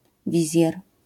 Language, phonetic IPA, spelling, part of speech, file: Polish, [ˈvʲizʲjɛr], wizjer, noun, LL-Q809 (pol)-wizjer.wav